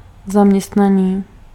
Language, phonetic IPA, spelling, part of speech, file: Czech, [ˈzamɲɛstnaniː], zaměstnaný, adjective, Cs-zaměstnaný.ogg
- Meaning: 1. employed 2. busy